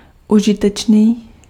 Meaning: useful
- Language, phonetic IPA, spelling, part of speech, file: Czech, [ˈuʒɪtɛt͡ʃniː], užitečný, adjective, Cs-užitečný.ogg